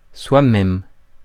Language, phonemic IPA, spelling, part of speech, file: French, /swa.mɛm/, soi-même, pronoun, Fr-soi-même.ogg
- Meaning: oneself